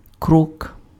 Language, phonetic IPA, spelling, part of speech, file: Ukrainian, [krɔk], крок, noun, Uk-крок.ogg
- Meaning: 1. step, pace 2. step, action, act